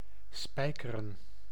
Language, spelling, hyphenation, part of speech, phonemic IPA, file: Dutch, spijkeren, spij‧ke‧ren, verb, /ˈspɛi̯kərə(n)/, Nl-spijkeren.ogg
- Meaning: to nail